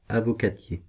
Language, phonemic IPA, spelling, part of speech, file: French, /a.vɔ.ka.tje/, avocatier, noun, Fr-avocatier.ogg
- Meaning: avocado, avocado tree